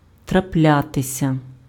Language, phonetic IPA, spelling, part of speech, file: Ukrainian, [trɐˈplʲatesʲɐ], траплятися, verb, Uk-траплятися.ogg
- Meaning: to happen, to occur, to take place, to come about